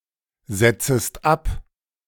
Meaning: second-person singular subjunctive I of absetzen
- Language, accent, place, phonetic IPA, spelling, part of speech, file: German, Germany, Berlin, [ˌz̥ɛt͡səst ˈap], setzest ab, verb, De-setzest ab.ogg